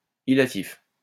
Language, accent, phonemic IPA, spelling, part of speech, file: French, France, /i.la.tif/, illatif, noun, LL-Q150 (fra)-illatif.wav
- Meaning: illative case